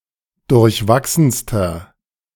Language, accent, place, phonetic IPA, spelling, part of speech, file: German, Germany, Berlin, [dʊʁçˈvaksn̩stɐ], durchwachsenster, adjective, De-durchwachsenster.ogg
- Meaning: inflection of durchwachsen: 1. strong/mixed nominative masculine singular superlative degree 2. strong genitive/dative feminine singular superlative degree 3. strong genitive plural superlative degree